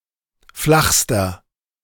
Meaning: inflection of flach: 1. strong/mixed nominative masculine singular superlative degree 2. strong genitive/dative feminine singular superlative degree 3. strong genitive plural superlative degree
- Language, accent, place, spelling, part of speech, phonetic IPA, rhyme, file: German, Germany, Berlin, flachster, adjective, [ˈflaxstɐ], -axstɐ, De-flachster.ogg